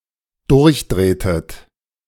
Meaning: inflection of durchdrehen: 1. second-person plural dependent preterite 2. second-person plural dependent subjunctive II
- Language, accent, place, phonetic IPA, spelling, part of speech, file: German, Germany, Berlin, [ˈdʊʁçˌdʁeːtət], durchdrehtet, verb, De-durchdrehtet.ogg